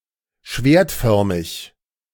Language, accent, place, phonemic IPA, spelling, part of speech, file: German, Germany, Berlin, /ˈʃveːɐ̯tˌfœʁmɪç/, schwertförmig, adjective, De-schwertförmig.ogg
- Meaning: sword-shaped